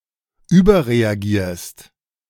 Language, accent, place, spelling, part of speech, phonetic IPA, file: German, Germany, Berlin, überreagierst, verb, [ˈyːbɐʁeaˌɡiːɐ̯st], De-überreagierst.ogg
- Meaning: second-person singular present of überreagieren